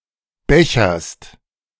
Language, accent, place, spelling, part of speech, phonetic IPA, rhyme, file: German, Germany, Berlin, becherst, verb, [ˈbɛçɐst], -ɛçɐst, De-becherst.ogg
- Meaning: second-person singular present of bechern